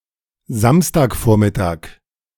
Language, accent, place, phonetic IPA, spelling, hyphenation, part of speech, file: German, Germany, Berlin, [ˈzamstaːkˌfoːɐ̯mɪtaːk], Samstagvormittag, Sams‧tag‧vor‧mit‧tag, noun, De-Samstagvormittag.ogg
- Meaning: Saturday morning (time before noon)